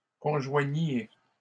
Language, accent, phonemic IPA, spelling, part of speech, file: French, Canada, /kɔ̃.ʒwa.ɲje/, conjoigniez, verb, LL-Q150 (fra)-conjoigniez.wav
- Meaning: inflection of conjoindre: 1. second-person plural imperfect indicative 2. second-person plural present subjunctive